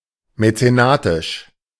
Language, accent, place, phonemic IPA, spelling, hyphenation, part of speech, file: German, Germany, Berlin, /mɛt͡seˈnaːtɪʃ/, mäzenatisch, mä‧ze‧na‧tisch, adjective, De-mäzenatisch.ogg
- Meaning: patronly